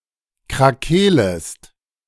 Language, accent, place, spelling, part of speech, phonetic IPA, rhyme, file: German, Germany, Berlin, krakeelest, verb, [kʁaˈkeːləst], -eːləst, De-krakeelest.ogg
- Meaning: second-person singular subjunctive I of krakeelen